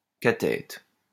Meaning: cathetus
- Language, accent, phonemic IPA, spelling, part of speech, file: French, France, /ka.tɛt/, cathète, noun, LL-Q150 (fra)-cathète.wav